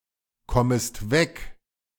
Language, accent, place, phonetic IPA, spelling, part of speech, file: German, Germany, Berlin, [ˌkɔməst ˈvɛk], kommest weg, verb, De-kommest weg.ogg
- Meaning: second-person singular subjunctive I of wegkommen